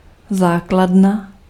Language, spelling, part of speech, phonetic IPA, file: Czech, základna, noun, [ˈzaːkladna], Cs-základna.ogg
- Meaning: 1. base (permanent structure for housing a military), foundation 2. base (lower, horizontal line in a triangle)